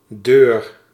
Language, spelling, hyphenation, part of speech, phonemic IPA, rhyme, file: Dutch, deur, deur, noun, /døːr/, -øːr, Nl-deur.ogg
- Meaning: door